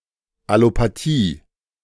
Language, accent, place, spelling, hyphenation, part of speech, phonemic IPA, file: German, Germany, Berlin, Allopathie, Al‧lo‧pa‧thie, noun, /ˌalopaˈtiː/, De-Allopathie.ogg
- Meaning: allopathy